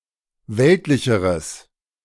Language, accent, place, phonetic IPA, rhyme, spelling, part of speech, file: German, Germany, Berlin, [ˈvɛltlɪçəʁəs], -ɛltlɪçəʁəs, weltlicheres, adjective, De-weltlicheres.ogg
- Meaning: strong/mixed nominative/accusative neuter singular comparative degree of weltlich